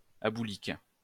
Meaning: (adjective) Related to or affected by aboulia; aboulic; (noun) a person affected by aboulia
- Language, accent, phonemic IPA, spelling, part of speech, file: French, France, /a.bu.lik/, aboulique, adjective / noun, LL-Q150 (fra)-aboulique.wav